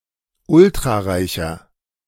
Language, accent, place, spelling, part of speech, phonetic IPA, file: German, Germany, Berlin, ultrareicher, adjective, [ˈʊltʁaˌʁaɪ̯çɐ], De-ultrareicher.ogg
- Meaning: inflection of ultrareich: 1. strong/mixed nominative masculine singular 2. strong genitive/dative feminine singular 3. strong genitive plural